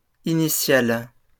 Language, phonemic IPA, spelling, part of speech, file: French, /i.ni.sjal/, initiale, adjective / noun, LL-Q150 (fra)-initiale.wav
- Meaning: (adjective) feminine singular of initial; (noun) initial (first letter of a word, of a name, of a first name)